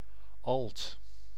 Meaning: 1. alto (musical part) 2. alto (person or instrument) 3. a woman singing or playing the alto part
- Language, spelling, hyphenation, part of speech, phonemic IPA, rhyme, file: Dutch, alt, alt, noun, /ɑlt/, -ɑlt, Nl-alt.ogg